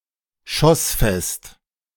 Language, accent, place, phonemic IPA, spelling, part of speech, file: German, Germany, Berlin, /ˈʃɔsˌfɛst/, schossfest, adjective, De-schossfest.ogg
- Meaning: resistant to bolting